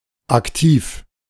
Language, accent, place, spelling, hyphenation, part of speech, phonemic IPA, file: German, Germany, Berlin, Aktiv, Ak‧tiv, noun, /ˈaktiːf/, De-Aktiv.ogg
- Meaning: 1. active voice (the form in which the subject of a verb carries out some action) 2. active verb